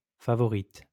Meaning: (noun) female equivalent of favori; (adjective) feminine singular of favori
- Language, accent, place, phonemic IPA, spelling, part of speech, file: French, France, Lyon, /fa.vɔ.ʁit/, favorite, noun / adjective, LL-Q150 (fra)-favorite.wav